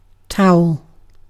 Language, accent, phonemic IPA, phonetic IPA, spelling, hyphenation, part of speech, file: English, UK, /ˈtaʊ̯əl/, [ˈtʰaʊ̯l̩], towel, tow‧el, noun / verb, En-uk-towel.ogg
- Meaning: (noun) A cloth used for wiping, especially one used for drying anything wet, such as a person after a bath; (verb) 1. To dry by using a towel 2. To hit with a towel